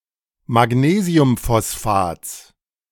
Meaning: genitive singular of Magnesiumphosphat
- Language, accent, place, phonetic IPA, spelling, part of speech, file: German, Germany, Berlin, [maˈɡneːzi̯ʊmfɔsˌfaːt͡s], Magnesiumphosphats, noun, De-Magnesiumphosphats.ogg